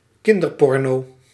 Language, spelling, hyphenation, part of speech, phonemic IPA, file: Dutch, kinderporno, kin‧der‧por‧no, noun, /ˈkɪn.dərˌpɔr.noː/, Nl-kinderporno.ogg
- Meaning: child pornography